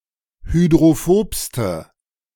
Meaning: inflection of hydrophob: 1. strong/mixed nominative/accusative feminine singular superlative degree 2. strong nominative/accusative plural superlative degree
- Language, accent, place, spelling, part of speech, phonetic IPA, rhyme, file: German, Germany, Berlin, hydrophobste, adjective, [hydʁoˈfoːpstə], -oːpstə, De-hydrophobste.ogg